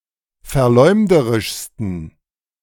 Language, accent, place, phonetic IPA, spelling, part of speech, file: German, Germany, Berlin, [fɛɐ̯ˈlɔɪ̯mdəʁɪʃstn̩], verleumderischsten, adjective, De-verleumderischsten.ogg
- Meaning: 1. superlative degree of verleumderisch 2. inflection of verleumderisch: strong genitive masculine/neuter singular superlative degree